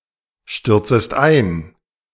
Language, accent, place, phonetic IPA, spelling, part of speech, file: German, Germany, Berlin, [ˌʃtʏʁt͡səst ˈaɪ̯n], stürzest ein, verb, De-stürzest ein.ogg
- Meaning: second-person singular subjunctive I of einstürzen